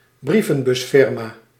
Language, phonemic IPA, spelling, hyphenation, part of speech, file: Dutch, /ˈbri.və(n).bʏsˌfɪr.maː/, brievenbusfirma, brie‧ven‧bus‧fir‧ma, noun, Nl-brievenbusfirma.ogg
- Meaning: shell company